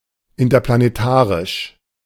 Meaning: interplanetary
- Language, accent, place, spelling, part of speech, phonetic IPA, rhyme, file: German, Germany, Berlin, interplanetarisch, adjective, [ɪntɐplaneˈtaːʁɪʃ], -aːʁɪʃ, De-interplanetarisch.ogg